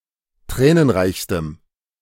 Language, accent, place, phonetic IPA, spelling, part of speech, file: German, Germany, Berlin, [ˈtʁɛːnənˌʁaɪ̯çstəm], tränenreichstem, adjective, De-tränenreichstem.ogg
- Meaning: strong dative masculine/neuter singular superlative degree of tränenreich